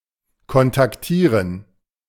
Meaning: to contact (establish communication with)
- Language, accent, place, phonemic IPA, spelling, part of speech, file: German, Germany, Berlin, /kɔntakˈtiːʁən/, kontaktieren, verb, De-kontaktieren.ogg